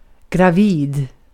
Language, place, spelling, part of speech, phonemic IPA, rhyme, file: Swedish, Gotland, gravid, adjective, /ɡraˈviːd/, -iːd, Sv-gravid.ogg
- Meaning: pregnant (carrying an unborn child, generally only applied to humans)